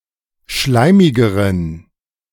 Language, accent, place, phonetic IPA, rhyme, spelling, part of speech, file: German, Germany, Berlin, [ˈʃlaɪ̯mɪɡəʁən], -aɪ̯mɪɡəʁən, schleimigeren, adjective, De-schleimigeren.ogg
- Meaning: inflection of schleimig: 1. strong genitive masculine/neuter singular comparative degree 2. weak/mixed genitive/dative all-gender singular comparative degree